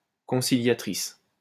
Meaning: feminine singular of conciliateur
- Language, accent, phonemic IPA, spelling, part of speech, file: French, France, /kɔ̃.si.lja.tʁis/, conciliatrice, adjective, LL-Q150 (fra)-conciliatrice.wav